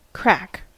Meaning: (verb) 1. To form cracks 2. To break apart under force, stress, or pressure 3. To become debilitated by psychological pressure 4. To break down or yield, especially under interrogation or torture
- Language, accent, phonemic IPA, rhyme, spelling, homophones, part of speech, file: English, General American, /kɹæk/, -æk, crack, craic, verb / noun / adjective, En-us-crack.ogg